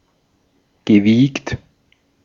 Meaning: past participle of wiegen
- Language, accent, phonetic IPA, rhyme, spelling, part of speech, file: German, Austria, [ɡəˈviːkt], -iːkt, gewiegt, verb, De-at-gewiegt.ogg